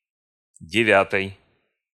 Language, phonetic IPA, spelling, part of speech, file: Russian, [dʲɪˈvʲatəj], девятой, noun, Ru-девятой.ogg
- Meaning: genitive/dative/instrumental/prepositional singular of девя́тая (devjátaja)